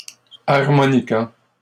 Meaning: harmonica
- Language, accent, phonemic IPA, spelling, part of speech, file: French, Canada, /aʁ.mɔ.ni.ka/, harmonica, noun, LL-Q150 (fra)-harmonica.wav